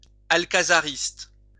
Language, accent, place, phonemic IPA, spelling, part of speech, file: French, France, Lyon, /al.ka.za.ʁist/, alcazariste, adjective, LL-Q150 (fra)-alcazariste.wav
- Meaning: of the fictional General Alcazar in The Adventures of Tintin